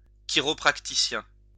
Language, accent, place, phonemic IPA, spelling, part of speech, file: French, France, Lyon, /ki.ʁɔ.pʁa.ti.sjɛ̃/, chiropraticien, noun, LL-Q150 (fra)-chiropraticien.wav
- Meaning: chiropractor